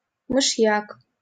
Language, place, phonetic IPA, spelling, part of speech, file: Russian, Saint Petersburg, [mɨʂˈjak], мышьяк, noun, LL-Q7737 (rus)-мышьяк.wav
- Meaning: arsenic